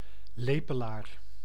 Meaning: 1. Eurasian spoonbill (Platalea leucorodia) 2. spoonbill, bird of the genus Platalea 3. synonym of ooievaar (“stork”) 4. the herb Capsella bursa-pastoris, shepherd's purse
- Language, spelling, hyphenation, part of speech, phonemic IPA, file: Dutch, lepelaar, le‧pe‧laar, noun, /ˈleː.pə.laːr/, Nl-lepelaar.ogg